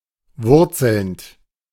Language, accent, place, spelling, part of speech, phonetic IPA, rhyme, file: German, Germany, Berlin, wurzelnd, verb, [ˈvʊʁt͡sl̩nt], -ʊʁt͡sl̩nt, De-wurzelnd.ogg
- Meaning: present participle of wurzeln